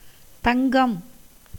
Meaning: 1. gold, pure gold 2. short for தங்கக்கட்டி (taṅkakkaṭṭi) 3. that which is precious, of great worth 4. a term of endearment
- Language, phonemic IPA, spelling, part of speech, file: Tamil, /t̪ɐŋɡɐm/, தங்கம், noun, Ta-தங்கம்.ogg